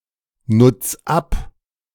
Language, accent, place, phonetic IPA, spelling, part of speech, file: German, Germany, Berlin, [ˌnʊt͡s ˈap], nutz ab, verb, De-nutz ab.ogg
- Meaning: 1. singular imperative of abnutzen 2. first-person singular present of abnutzen